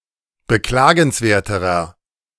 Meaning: inflection of beklagenswert: 1. strong/mixed nominative masculine singular comparative degree 2. strong genitive/dative feminine singular comparative degree
- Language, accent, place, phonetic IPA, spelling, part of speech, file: German, Germany, Berlin, [bəˈklaːɡn̩sˌveːɐ̯təʁɐ], beklagenswerterer, adjective, De-beklagenswerterer.ogg